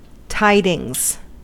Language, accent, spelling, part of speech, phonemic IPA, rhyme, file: English, US, tidings, noun, /ˈtaɪdɪŋz/, -aɪdɪŋz, En-us-tidings.ogg
- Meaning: plural of tiding; news